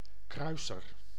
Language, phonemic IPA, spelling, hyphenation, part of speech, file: Dutch, /ˈkrœy̯.sər/, kruiser, krui‧ser, noun, Nl-kruiser.ogg
- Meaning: a cruiser (warship)